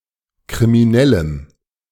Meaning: strong dative masculine/neuter singular of kriminell
- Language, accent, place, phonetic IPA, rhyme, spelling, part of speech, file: German, Germany, Berlin, [kʁimiˈnɛləm], -ɛləm, kriminellem, adjective, De-kriminellem.ogg